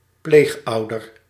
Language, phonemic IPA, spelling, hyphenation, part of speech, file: Dutch, /ˈpleːxˌɑu̯.dər/, pleegouder, pleeg‧ou‧der, noun, Nl-pleegouder.ogg
- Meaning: foster parent